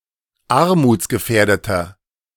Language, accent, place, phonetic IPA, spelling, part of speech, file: German, Germany, Berlin, [ˈaʁmuːt͡sɡəˌfɛːɐ̯dətɐ], armutsgefährdeter, adjective, De-armutsgefährdeter.ogg
- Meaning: 1. comparative degree of armutsgefährdet 2. inflection of armutsgefährdet: strong/mixed nominative masculine singular 3. inflection of armutsgefährdet: strong genitive/dative feminine singular